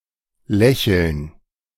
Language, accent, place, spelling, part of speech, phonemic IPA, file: German, Germany, Berlin, Lächeln, noun, /ˈlɛçəln/, De-Lächeln.ogg
- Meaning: smile (facial expression)